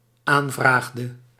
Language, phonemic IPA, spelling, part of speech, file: Dutch, /ˈaɱvraɣdə/, aanvraagde, verb, Nl-aanvraagde.ogg
- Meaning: inflection of aanvragen: 1. singular dependent-clause past indicative 2. singular dependent-clause past subjunctive